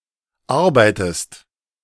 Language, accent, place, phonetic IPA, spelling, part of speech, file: German, Germany, Berlin, [ˈaʁbaɪ̯təst], arbeitest, verb, De-arbeitest.ogg
- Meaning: inflection of arbeiten: 1. second-person singular present 2. second-person singular subjunctive I